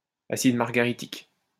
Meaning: margaritic acid
- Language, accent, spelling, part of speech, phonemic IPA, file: French, France, acide margaritique, noun, /a.sid maʁ.ɡa.ʁi.tik/, LL-Q150 (fra)-acide margaritique.wav